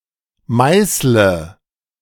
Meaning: inflection of meißeln: 1. first-person singular present 2. singular imperative 3. first/third-person singular subjunctive I
- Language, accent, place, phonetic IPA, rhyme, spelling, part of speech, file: German, Germany, Berlin, [ˈmaɪ̯slə], -aɪ̯slə, meißle, verb, De-meißle.ogg